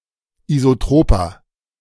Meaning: inflection of isotrop: 1. strong/mixed nominative masculine singular 2. strong genitive/dative feminine singular 3. strong genitive plural
- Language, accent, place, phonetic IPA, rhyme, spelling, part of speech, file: German, Germany, Berlin, [izoˈtʁoːpɐ], -oːpɐ, isotroper, adjective, De-isotroper.ogg